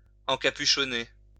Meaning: 1. to hood (cover with a hood) 2. to lead into a monastic life
- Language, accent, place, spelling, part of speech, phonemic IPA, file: French, France, Lyon, encapuchonner, verb, /ɑ̃.ka.py.ʃɔ.ne/, LL-Q150 (fra)-encapuchonner.wav